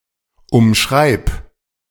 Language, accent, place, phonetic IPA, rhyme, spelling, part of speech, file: German, Germany, Berlin, [ʊmˈʃʁaɪ̯p], -aɪ̯p, umschreib, verb, De-umschreib.ogg
- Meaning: singular imperative of umschreiben